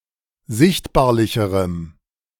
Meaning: strong dative masculine/neuter singular comparative degree of sichtbarlich
- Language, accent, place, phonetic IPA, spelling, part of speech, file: German, Germany, Berlin, [ˈzɪçtbaːɐ̯lɪçəʁəm], sichtbarlicherem, adjective, De-sichtbarlicherem.ogg